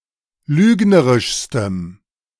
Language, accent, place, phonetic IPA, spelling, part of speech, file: German, Germany, Berlin, [ˈlyːɡnəʁɪʃstəm], lügnerischstem, adjective, De-lügnerischstem.ogg
- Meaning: strong dative masculine/neuter singular superlative degree of lügnerisch